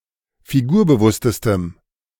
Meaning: strong dative masculine/neuter singular superlative degree of figurbewusst
- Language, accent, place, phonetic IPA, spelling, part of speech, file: German, Germany, Berlin, [fiˈɡuːɐ̯bəˌvʊstəstəm], figurbewusstestem, adjective, De-figurbewusstestem.ogg